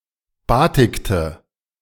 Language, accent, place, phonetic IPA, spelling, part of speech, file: German, Germany, Berlin, [ˈbaːtɪktə], batikte, verb, De-batikte.ogg
- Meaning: inflection of batiken: 1. first/third-person singular preterite 2. first/third-person singular subjunctive II